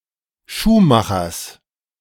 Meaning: genitive of Schuhmacher
- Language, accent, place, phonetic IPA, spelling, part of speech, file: German, Germany, Berlin, [ˈʃuːˌmaxɐs], Schuhmachers, noun, De-Schuhmachers.ogg